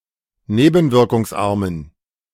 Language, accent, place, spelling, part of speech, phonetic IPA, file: German, Germany, Berlin, nebenwirkungsarmen, adjective, [ˈneːbn̩vɪʁkʊŋsˌʔaʁmən], De-nebenwirkungsarmen.ogg
- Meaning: inflection of nebenwirkungsarm: 1. strong genitive masculine/neuter singular 2. weak/mixed genitive/dative all-gender singular 3. strong/weak/mixed accusative masculine singular